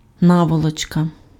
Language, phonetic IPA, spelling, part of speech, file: Ukrainian, [ˈnawɔɫɔt͡ʃkɐ], наволочка, noun, Uk-наволочка.ogg
- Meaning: pillowcase, pillowslip